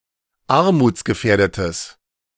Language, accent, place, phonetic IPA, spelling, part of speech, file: German, Germany, Berlin, [ˈaʁmuːt͡sɡəˌfɛːɐ̯dətəs], armutsgefährdetes, adjective, De-armutsgefährdetes.ogg
- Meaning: strong/mixed nominative/accusative neuter singular of armutsgefährdet